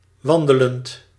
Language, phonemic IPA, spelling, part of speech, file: Dutch, /ˈwɑndələnt/, wandelend, adjective / verb, Nl-wandelend.ogg
- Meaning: present participle of wandelen